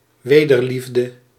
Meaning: love in return, responsive love
- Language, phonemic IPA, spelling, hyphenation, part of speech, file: Dutch, /ˈʋeː.dərˌlif.də/, wederliefde, we‧der‧lief‧de, noun, Nl-wederliefde.ogg